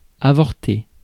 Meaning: 1. to fail, to come to an end 2. to have an abortion 3. to abort, to terminate 4. to cause an abortion 5. (of a procedure) To end in a mistrial
- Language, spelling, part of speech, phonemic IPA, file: French, avorter, verb, /a.vɔʁ.te/, Fr-avorter.ogg